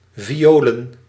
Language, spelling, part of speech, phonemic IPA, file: Dutch, violen, noun, /viˈjoːlə(n)/, Nl-violen.ogg
- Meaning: plural of viool